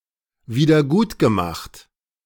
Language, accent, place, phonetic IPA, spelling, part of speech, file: German, Germany, Berlin, [ˌviːdɐˈɡuːtɡəˌmaxt], wiedergutgemacht, verb, De-wiedergutgemacht.ogg
- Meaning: past participle of wiedergutmachen